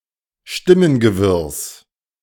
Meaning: genitive of Stimmengewirr
- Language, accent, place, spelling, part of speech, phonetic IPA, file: German, Germany, Berlin, Stimmengewirrs, noun, [ˈʃtɪmənɡəˌvɪʁs], De-Stimmengewirrs.ogg